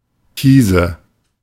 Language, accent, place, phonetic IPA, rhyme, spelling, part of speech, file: German, Germany, Berlin, [ˈkiːzə], -iːzə, Kiese, noun, De-Kiese.ogg
- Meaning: nominative/accusative/genitive plural of Kies